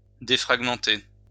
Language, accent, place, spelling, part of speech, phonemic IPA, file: French, France, Lyon, défragmenter, verb, /de.fʁaɡ.mɑ̃.te/, LL-Q150 (fra)-défragmenter.wav
- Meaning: to defragment